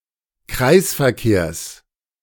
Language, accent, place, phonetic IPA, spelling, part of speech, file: German, Germany, Berlin, [ˈkʁaɪ̯sfɛɐ̯ˌkeːɐ̯s], Kreisverkehrs, noun, De-Kreisverkehrs.ogg
- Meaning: genitive singular of Kreisverkehr